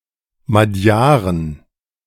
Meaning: 1. genitive of Madjar 2. plural of Madjar
- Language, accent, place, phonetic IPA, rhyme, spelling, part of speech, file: German, Germany, Berlin, [maˈdjaːʁən], -aːʁən, Madjaren, noun, De-Madjaren.ogg